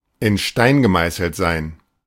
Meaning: to be carved in stone
- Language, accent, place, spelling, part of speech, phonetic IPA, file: German, Germany, Berlin, in Stein gemeißelt sein, verb, [ɪn ʃtaɪ̯n ɡəˈmaɪ̯səl̩t zaɪ̯n], De-in Stein gemeißelt sein.ogg